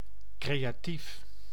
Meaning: creative
- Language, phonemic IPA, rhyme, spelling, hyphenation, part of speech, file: Dutch, /kreːjaːˈtif/, -if, creatief, cre‧a‧tief, adjective, Nl-creatief.ogg